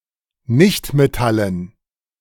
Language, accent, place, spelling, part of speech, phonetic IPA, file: German, Germany, Berlin, Nichtmetallen, noun, [ˈnɪçtmeˌtalən], De-Nichtmetallen.ogg
- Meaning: dative plural of Nichtmetall